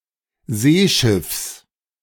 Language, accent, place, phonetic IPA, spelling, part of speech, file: German, Germany, Berlin, [ˈzeːˌʃɪfs], Seeschiffs, noun, De-Seeschiffs.ogg
- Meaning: genitive singular of Seeschiff